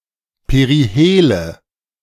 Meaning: nominative/accusative/genitive plural of Perihel
- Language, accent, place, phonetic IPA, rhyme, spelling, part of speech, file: German, Germany, Berlin, [peʁiˈheːlə], -eːlə, Perihele, noun, De-Perihele.ogg